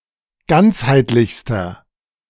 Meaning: inflection of ganzheitlich: 1. strong/mixed nominative masculine singular superlative degree 2. strong genitive/dative feminine singular superlative degree 3. strong genitive plural superlative degree
- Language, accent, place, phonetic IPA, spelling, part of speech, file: German, Germany, Berlin, [ˈɡant͡shaɪ̯tlɪçstɐ], ganzheitlichster, adjective, De-ganzheitlichster.ogg